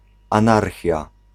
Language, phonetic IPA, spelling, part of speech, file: Polish, [ãˈnarxʲja], anarchia, noun, Pl-anarchia.ogg